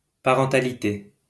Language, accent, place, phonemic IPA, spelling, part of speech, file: French, France, Lyon, /pa.ʁɑ̃.ta.li.te/, parentalité, noun, LL-Q150 (fra)-parentalité.wav
- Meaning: parenthood